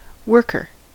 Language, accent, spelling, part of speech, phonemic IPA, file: English, US, worker, noun, /ˈwɝ.kɚ/, En-us-worker.ogg
- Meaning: 1. One who works: a person who performs labor for a living; traditionally, especially, manual labor 2. A nonreproductive social insect, such as ant, bee, termite, or wasp